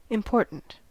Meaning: 1. Having relevant and crucial value; having import 2. Pompous; self-important
- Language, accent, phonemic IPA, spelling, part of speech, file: English, US, /ɪmˈpɔɹ.ɾənt/, important, adjective, En-us-important.ogg